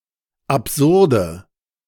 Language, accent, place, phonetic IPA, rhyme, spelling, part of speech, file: German, Germany, Berlin, [apˈzʊʁdə], -ʊʁdə, absurde, adjective, De-absurde.ogg
- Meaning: inflection of absurd: 1. strong/mixed nominative/accusative feminine singular 2. strong nominative/accusative plural 3. weak nominative all-gender singular 4. weak accusative feminine/neuter singular